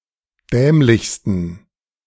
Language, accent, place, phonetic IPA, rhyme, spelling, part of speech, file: German, Germany, Berlin, [ˈdɛːmlɪçstn̩], -ɛːmlɪçstn̩, dämlichsten, adjective, De-dämlichsten.ogg
- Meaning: 1. superlative degree of dämlich 2. inflection of dämlich: strong genitive masculine/neuter singular superlative degree